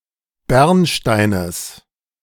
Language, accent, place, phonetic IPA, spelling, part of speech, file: German, Germany, Berlin, [ˈbɛʁnˌʃtaɪ̯nəs], Bernsteines, noun, De-Bernsteines.ogg
- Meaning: genitive singular of Bernstein